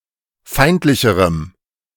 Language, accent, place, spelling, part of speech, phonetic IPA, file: German, Germany, Berlin, feindlicherem, adjective, [ˈfaɪ̯ntlɪçəʁəm], De-feindlicherem.ogg
- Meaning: strong dative masculine/neuter singular comparative degree of feindlich